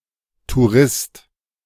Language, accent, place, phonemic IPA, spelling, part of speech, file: German, Germany, Berlin, /tuːʁɪst/, Tourist, noun, De-Tourist.ogg
- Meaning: tourist (male or of unspecified gender)